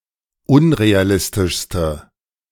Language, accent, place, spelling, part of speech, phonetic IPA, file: German, Germany, Berlin, unrealistischste, adjective, [ˈʊnʁeaˌlɪstɪʃstə], De-unrealistischste.ogg
- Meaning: inflection of unrealistisch: 1. strong/mixed nominative/accusative feminine singular superlative degree 2. strong nominative/accusative plural superlative degree